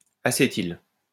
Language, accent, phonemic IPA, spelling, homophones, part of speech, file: French, France, /a.se.til/, acétyle, acétylent / acétyles, verb, LL-Q150 (fra)-acétyle.wav
- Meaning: inflection of acétyler: 1. first/third-person singular present indicative/subjunctive 2. second-person singular imperative